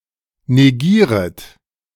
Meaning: second-person plural subjunctive I of negieren
- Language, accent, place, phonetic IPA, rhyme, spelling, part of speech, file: German, Germany, Berlin, [neˈɡiːʁət], -iːʁət, negieret, verb, De-negieret.ogg